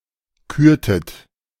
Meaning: inflection of küren: 1. second-person plural preterite 2. second-person plural subjunctive II
- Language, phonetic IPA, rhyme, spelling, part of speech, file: German, [ˈkyːɐ̯tət], -yːɐ̯tət, kürtet, verb, De-kürtet.oga